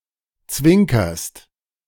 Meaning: second-person singular present of zwinkern
- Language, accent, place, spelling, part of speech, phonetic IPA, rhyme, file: German, Germany, Berlin, zwinkerst, verb, [ˈt͡svɪŋkɐst], -ɪŋkɐst, De-zwinkerst.ogg